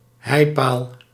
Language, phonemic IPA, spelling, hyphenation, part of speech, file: Dutch, /ˈɦɛi̯.paːl/, heipaal, hei‧paal, noun, Nl-heipaal.ogg
- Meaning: a pile (pole or beam driven into the ground as part of a foundation)